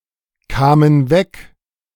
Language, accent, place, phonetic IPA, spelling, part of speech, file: German, Germany, Berlin, [ˌkaːmən ˈvɛk], kamen weg, verb, De-kamen weg.ogg
- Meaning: first/third-person plural preterite of wegkommen